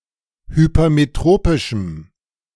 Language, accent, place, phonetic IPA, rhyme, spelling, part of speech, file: German, Germany, Berlin, [hypɐmeˈtʁoːpɪʃm̩], -oːpɪʃm̩, hypermetropischem, adjective, De-hypermetropischem.ogg
- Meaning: strong dative masculine/neuter singular of hypermetropisch